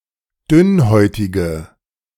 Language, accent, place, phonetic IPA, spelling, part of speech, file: German, Germany, Berlin, [ˈdʏnˌhɔɪ̯tɪɡə], dünnhäutige, adjective, De-dünnhäutige.ogg
- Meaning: inflection of dünnhäutig: 1. strong/mixed nominative/accusative feminine singular 2. strong nominative/accusative plural 3. weak nominative all-gender singular